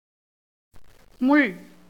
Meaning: 1. thorn, brier, prickle, bristle, spine 2. anything sharp or pointed 3. index of a balance 4. hand of a clock or time-piece 5. goad, spur 6. bit 7. quill 8. fork; sharp, pointed instrument
- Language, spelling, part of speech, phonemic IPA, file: Tamil, முள், noun, /mʊɭ/, Ta-முள்.ogg